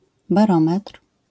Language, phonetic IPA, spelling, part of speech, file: Polish, [baˈrɔ̃mɛtr̥], barometr, noun, LL-Q809 (pol)-barometr.wav